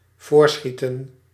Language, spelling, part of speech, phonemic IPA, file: Dutch, voorschieten, verb, /ˈvoːrˌsxi.tə(n)/, Nl-voorschieten.ogg
- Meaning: to advance (money), to pay in advance